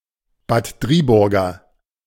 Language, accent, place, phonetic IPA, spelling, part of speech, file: German, Germany, Berlin, [baːt ˈdʁiːˌbʊʁɡɐ], Bad Driburger, adjective, De-Bad Driburger.ogg
- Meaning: of Bad Driburg